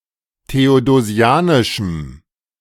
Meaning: strong dative masculine/neuter singular of theodosianisch
- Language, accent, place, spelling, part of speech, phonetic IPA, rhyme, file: German, Germany, Berlin, theodosianischem, adjective, [teodoˈzi̯aːnɪʃm̩], -aːnɪʃm̩, De-theodosianischem.ogg